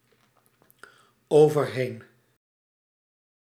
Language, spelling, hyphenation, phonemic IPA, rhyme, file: Dutch, overheen, over‧heen, /oː.vərˈɦeːn/, -eːn, Nl-overheen.ogg
- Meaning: across, over